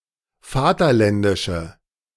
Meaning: inflection of vaterländisch: 1. strong/mixed nominative/accusative feminine singular 2. strong nominative/accusative plural 3. weak nominative all-gender singular
- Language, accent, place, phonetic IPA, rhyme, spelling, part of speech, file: German, Germany, Berlin, [ˈfaːtɐˌlɛndɪʃə], -aːtɐlɛndɪʃə, vaterländische, adjective, De-vaterländische.ogg